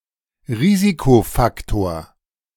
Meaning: risk factor, hazard factor
- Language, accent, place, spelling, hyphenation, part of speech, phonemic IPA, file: German, Germany, Berlin, Risikofaktor, Ri‧si‧ko‧fak‧tor, noun, /ˈʁiːzikofaktoːɐ̯/, De-Risikofaktor.ogg